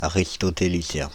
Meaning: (adjective) Aristotelian
- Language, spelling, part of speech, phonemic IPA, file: French, aristotélicien, adjective / noun, /a.ʁis.tɔ.te.li.sjɛ̃/, Fr-aristotélicien.ogg